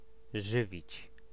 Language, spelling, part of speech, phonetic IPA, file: Polish, żywić, verb, [ˈʒɨvʲit͡ɕ], Pl-żywić.ogg